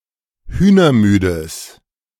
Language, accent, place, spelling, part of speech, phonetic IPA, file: German, Germany, Berlin, hühnermüdes, adjective, [ˈhyːnɐˌmyːdəs], De-hühnermüdes.ogg
- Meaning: strong/mixed nominative/accusative neuter singular of hühnermüde